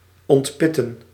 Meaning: to stone, to remove the seed(s) from
- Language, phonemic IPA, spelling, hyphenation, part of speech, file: Dutch, /ˌɔntˈpɪ.tə(n)/, ontpitten, ont‧pit‧ten, verb, Nl-ontpitten.ogg